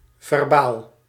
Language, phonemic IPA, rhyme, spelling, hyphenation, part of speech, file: Dutch, /vɛrˈbaːl/, -aːl, verbaal, ver‧baal, adjective / noun, Nl-verbaal.ogg
- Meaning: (adjective) 1. verbal, pertaining to words 2. verbal, pertaining to spoken language 3. verbal, pertaining to verbs; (noun) 1. a signed memo 2. short for proces-verbaal